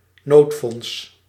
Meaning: emergency fund
- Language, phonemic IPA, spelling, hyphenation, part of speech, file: Dutch, /ˈnoːt.fɔnts/, noodfonds, nood‧fonds, noun, Nl-noodfonds.ogg